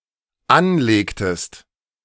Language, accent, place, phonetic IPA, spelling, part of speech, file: German, Germany, Berlin, [ˈanˌleːktəst], anlegtest, verb, De-anlegtest.ogg
- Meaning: inflection of anlegen: 1. second-person singular dependent preterite 2. second-person singular dependent subjunctive II